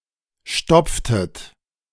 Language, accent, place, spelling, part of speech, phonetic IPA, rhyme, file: German, Germany, Berlin, stopftet, verb, [ˈʃtɔp͡ftət], -ɔp͡ftət, De-stopftet.ogg
- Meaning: inflection of stopfen: 1. second-person plural preterite 2. second-person plural subjunctive II